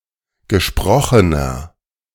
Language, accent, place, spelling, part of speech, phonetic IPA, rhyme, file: German, Germany, Berlin, gesprochener, adjective, [ɡəˈʃpʁɔxənɐ], -ɔxənɐ, De-gesprochener.ogg
- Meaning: inflection of gesprochen: 1. strong/mixed nominative masculine singular 2. strong genitive/dative feminine singular 3. strong genitive plural